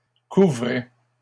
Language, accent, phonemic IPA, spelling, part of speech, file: French, Canada, /ku.vʁɛ/, couvraient, verb, LL-Q150 (fra)-couvraient.wav
- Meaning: third-person plural imperfect indicative of couvrir